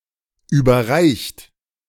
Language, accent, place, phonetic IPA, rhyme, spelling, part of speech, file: German, Germany, Berlin, [ˌyːbɐˈʁaɪ̯çt], -aɪ̯çt, überreicht, verb, De-überreicht.ogg
- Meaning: 1. past participle of überreichen 2. inflection of überreichen: second-person plural present 3. inflection of überreichen: third-person singular present 4. inflection of überreichen: plural imperative